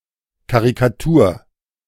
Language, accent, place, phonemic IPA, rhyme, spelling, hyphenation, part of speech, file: German, Germany, Berlin, /kaʁikaˈtuːɐ̯/, -uːɐ̯, Karikatur, Ka‧ri‧ka‧tur, noun, De-Karikatur.ogg
- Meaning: caricature, cartoon